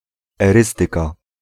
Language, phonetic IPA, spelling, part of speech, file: Polish, [ɛˈrɨstɨka], erystyka, noun, Pl-erystyka.ogg